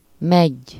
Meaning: sour cherry
- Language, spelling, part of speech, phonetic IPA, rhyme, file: Hungarian, meggy, noun, [ˈmɛɟː], -ɛɟː, Hu-meggy.ogg